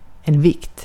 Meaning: 1. weight (what something weighs, measured in for example kilograms) 2. weight (what something weighs, measured in for example kilograms): mass
- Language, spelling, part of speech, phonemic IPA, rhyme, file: Swedish, vikt, noun, /vɪkt/, -ɪkt, Sv-vikt.ogg